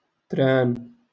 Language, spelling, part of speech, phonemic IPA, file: Moroccan Arabic, تران, noun, /traːn/, LL-Q56426 (ary)-تران.wav
- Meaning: train